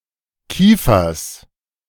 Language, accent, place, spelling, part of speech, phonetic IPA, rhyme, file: German, Germany, Berlin, Kiefers, noun, [ˈkiːfɐs], -iːfɐs, De-Kiefers.ogg
- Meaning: genitive singular of Kiefer